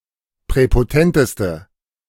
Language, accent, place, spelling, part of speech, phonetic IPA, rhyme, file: German, Germany, Berlin, präpotenteste, adjective, [pʁɛpoˈtɛntəstə], -ɛntəstə, De-präpotenteste.ogg
- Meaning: inflection of präpotent: 1. strong/mixed nominative/accusative feminine singular superlative degree 2. strong nominative/accusative plural superlative degree